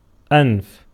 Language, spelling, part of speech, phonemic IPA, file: Arabic, أنف, noun, /ʔanf/, Ar-أنف.ogg
- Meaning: nose